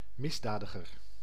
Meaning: criminal
- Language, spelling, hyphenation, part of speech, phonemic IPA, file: Dutch, misdadiger, mis‧da‧di‧ger, noun, /ˈmɪsˌdaːdəɣər/, Nl-misdadiger.ogg